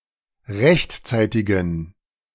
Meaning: inflection of rechtzeitig: 1. strong genitive masculine/neuter singular 2. weak/mixed genitive/dative all-gender singular 3. strong/weak/mixed accusative masculine singular 4. strong dative plural
- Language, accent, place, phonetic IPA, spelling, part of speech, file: German, Germany, Berlin, [ˈʁɛçtˌt͡saɪ̯tɪɡn̩], rechtzeitigen, adjective, De-rechtzeitigen.ogg